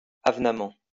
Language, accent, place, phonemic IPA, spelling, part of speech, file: French, France, Lyon, /av.na.mɑ̃/, avenamment, adverb, LL-Q150 (fra)-avenamment.wav
- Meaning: In a comely manner; fittingly